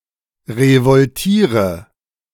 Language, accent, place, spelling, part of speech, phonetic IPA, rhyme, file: German, Germany, Berlin, revoltiere, verb, [ʁəvɔlˈtiːʁə], -iːʁə, De-revoltiere.ogg
- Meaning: inflection of revoltieren: 1. first-person singular present 2. singular imperative 3. first/third-person singular subjunctive I